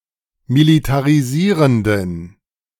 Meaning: inflection of militarisierend: 1. strong genitive masculine/neuter singular 2. weak/mixed genitive/dative all-gender singular 3. strong/weak/mixed accusative masculine singular 4. strong dative plural
- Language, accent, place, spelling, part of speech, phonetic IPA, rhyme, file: German, Germany, Berlin, militarisierenden, adjective, [militaʁiˈziːʁəndn̩], -iːʁəndn̩, De-militarisierenden.ogg